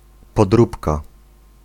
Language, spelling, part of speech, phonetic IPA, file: Polish, podróbka, noun, [pɔdˈrupka], Pl-podróbka.ogg